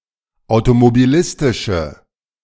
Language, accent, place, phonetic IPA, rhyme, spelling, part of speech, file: German, Germany, Berlin, [aʊ̯tomobiˈlɪstɪʃə], -ɪstɪʃə, automobilistische, adjective, De-automobilistische.ogg
- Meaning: inflection of automobilistisch: 1. strong/mixed nominative/accusative feminine singular 2. strong nominative/accusative plural 3. weak nominative all-gender singular